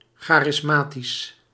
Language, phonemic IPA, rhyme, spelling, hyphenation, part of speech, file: Dutch, /ˌxaː.rɪsˈmaː.tis/, -aːtis, charismatisch, cha‧ris‧ma‧tisch, adjective, Nl-charismatisch.ogg
- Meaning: 1. charismatic (pertaining to the gifts of the Holy Spirit) 2. charismatic (personally influential or affable)